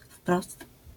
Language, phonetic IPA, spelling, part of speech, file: Polish, [fprɔst], wprost, adverb, LL-Q809 (pol)-wprost.wav